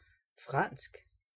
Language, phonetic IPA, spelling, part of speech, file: Danish, [ˈfʁɑnˀsɡ̊], fransk, adjective / noun, Da-fransk.ogg
- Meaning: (adjective) French (of or pertaining to France); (noun) French (language)